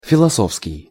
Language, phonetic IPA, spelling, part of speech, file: Russian, [fʲɪɫɐˈsofskʲɪj], философский, adjective, Ru-философский.ogg
- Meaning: 1. philosopher; philosopher's, philosophers' 2. philosophic, philosophical